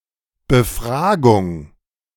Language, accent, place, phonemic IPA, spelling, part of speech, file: German, Germany, Berlin, /bəˈfʁaːɡʊŋ/, Befragung, noun, De-Befragung.ogg
- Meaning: interrogation (act of interrogating or questioning)